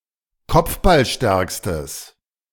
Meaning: strong/mixed nominative/accusative neuter singular superlative degree of kopfballstark
- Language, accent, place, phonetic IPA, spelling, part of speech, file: German, Germany, Berlin, [ˈkɔp͡fbalˌʃtɛʁkstəs], kopfballstärkstes, adjective, De-kopfballstärkstes.ogg